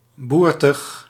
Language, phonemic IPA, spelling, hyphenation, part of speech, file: Dutch, /ˈbur.təx/, boertig, boer‧tig, adjective, Nl-boertig.ogg
- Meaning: 1. farcical 2. comical, humorous 3. coarse, crude